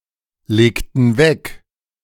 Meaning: inflection of weglegen: 1. first/third-person plural preterite 2. first/third-person plural subjunctive II
- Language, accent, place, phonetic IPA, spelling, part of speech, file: German, Germany, Berlin, [ˌleːktn̩ ˈvɛk], legten weg, verb, De-legten weg.ogg